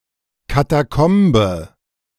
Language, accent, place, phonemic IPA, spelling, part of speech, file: German, Germany, Berlin, /kataˈkɔmbə/, Katakombe, noun, De-Katakombe.ogg
- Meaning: 1. catacomb (underground cemetery) 2. other underground systems, especially (sports slang) the changing rooms in a stadium